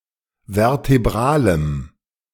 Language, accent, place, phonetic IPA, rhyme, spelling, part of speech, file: German, Germany, Berlin, [vɛʁteˈbʁaːləm], -aːləm, vertebralem, adjective, De-vertebralem.ogg
- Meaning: strong dative masculine/neuter singular of vertebral